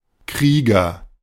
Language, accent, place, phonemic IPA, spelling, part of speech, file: German, Germany, Berlin, /ˈkʁiːɡɐ/, Krieger, noun / proper noun, De-Krieger.ogg
- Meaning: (noun) warrior; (proper noun) a surname originating as an occupation, originally for a mercenary soldier